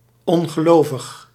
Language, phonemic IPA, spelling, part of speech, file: Dutch, /ˌɔŋɣəˈlovəx/, ongelovig, adjective, Nl-ongelovig.ogg
- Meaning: unbelieving